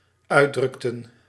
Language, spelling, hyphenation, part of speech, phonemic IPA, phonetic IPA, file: Dutch, uitdrukten, uit‧druk‧ten, verb, /ˈœy̯.drʏk.tə(n)/, [ˈœː.drʏk.tə(n)], Nl-uitdrukten.ogg
- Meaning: inflection of uitdrukken: 1. plural dependent-clause past indicative 2. plural dependent-clause past subjunctive